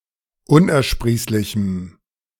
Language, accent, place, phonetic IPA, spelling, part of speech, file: German, Germany, Berlin, [ˈʊnʔɛɐ̯ˌʃpʁiːslɪçm̩], unersprießlichem, adjective, De-unersprießlichem.ogg
- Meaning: strong dative masculine/neuter singular of unersprießlich